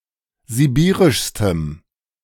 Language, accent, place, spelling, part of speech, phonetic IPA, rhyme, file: German, Germany, Berlin, sibirischstem, adjective, [ziˈbiːʁɪʃstəm], -iːʁɪʃstəm, De-sibirischstem.ogg
- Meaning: strong dative masculine/neuter singular superlative degree of sibirisch